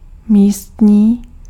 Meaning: local
- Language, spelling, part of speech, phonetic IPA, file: Czech, místní, adjective, [ˈmiːstɲiː], Cs-místní.ogg